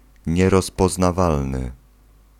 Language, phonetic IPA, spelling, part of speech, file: Polish, [ˌɲɛrɔspɔznaˈvalnɨ], nierozpoznawalny, adjective, Pl-nierozpoznawalny.ogg